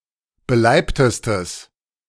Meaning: strong/mixed nominative/accusative neuter singular superlative degree of beleibt
- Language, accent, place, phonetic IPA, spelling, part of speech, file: German, Germany, Berlin, [bəˈlaɪ̯ptəstəs], beleibtestes, adjective, De-beleibtestes.ogg